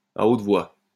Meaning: 1. alternative form of à voix haute 2. orally; verbally; in oral form; by oral means
- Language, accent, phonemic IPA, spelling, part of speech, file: French, France, /a ot vwa/, à haute voix, adverb, LL-Q150 (fra)-à haute voix.wav